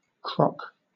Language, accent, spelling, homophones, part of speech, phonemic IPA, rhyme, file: English, Southern England, croc, crock, noun, /kɹɒk/, -ɒk, LL-Q1860 (eng)-croc.wav
- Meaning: 1. A crocodile 2. A type of EVA foam slip-on clog-style shoe with an open heel, thick sole, rounded toe, retractable heel strap, and ventilation holes on the top and sides